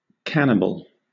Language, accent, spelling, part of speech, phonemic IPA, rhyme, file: English, Southern England, cannibal, noun, /ˈkænɪbəl/, -ænɪbəl, LL-Q1860 (eng)-cannibal.wav
- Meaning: 1. An organism which eats others of its own species or kind, especially a human who consumes human flesh 2. Ellipsis of cannibal boat